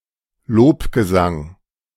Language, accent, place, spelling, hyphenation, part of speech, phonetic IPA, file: German, Germany, Berlin, Lobgesang, Lob‧ge‧sang, noun, [ˈloːpɡəˌzaŋ], De-Lobgesang.ogg
- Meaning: song of praise